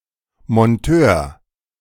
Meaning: a mechanic, technician, especially one who is sent out to install and repair things
- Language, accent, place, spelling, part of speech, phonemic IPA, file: German, Germany, Berlin, Monteur, noun, /mɔnˈtøːr/, De-Monteur.ogg